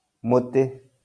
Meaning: 1. tree 2. stick 3. arrow shaft 4. herbal medicine
- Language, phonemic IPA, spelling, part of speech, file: Kikuyu, /mòtě/, mũtĩ, noun, LL-Q33587 (kik)-mũtĩ.wav